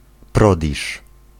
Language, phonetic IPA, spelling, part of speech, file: Polish, [ˈprɔdʲiʃ], prodiż, noun, Pl-prodiż.ogg